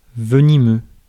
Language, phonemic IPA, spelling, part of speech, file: French, /və.ni.mø/, venimeux, adjective, Fr-venimeux.ogg
- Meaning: poisonous, venomous (for animals)